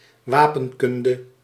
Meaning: heraldry
- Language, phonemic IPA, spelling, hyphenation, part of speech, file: Dutch, /ˈʋaːpənˌkʏndə/, wapenkunde, wa‧pen‧kun‧de, noun, Nl-wapenkunde.ogg